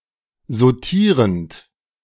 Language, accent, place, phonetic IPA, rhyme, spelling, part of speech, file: German, Germany, Berlin, [zoˈtiːʁənt], -iːʁənt, sautierend, verb, De-sautierend.ogg
- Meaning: present participle of sautieren